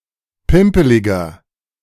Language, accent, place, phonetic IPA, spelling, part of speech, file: German, Germany, Berlin, [ˈpɪmpəlɪɡɐ], pimpeliger, adjective, De-pimpeliger.ogg
- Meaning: 1. comparative degree of pimpelig 2. inflection of pimpelig: strong/mixed nominative masculine singular 3. inflection of pimpelig: strong genitive/dative feminine singular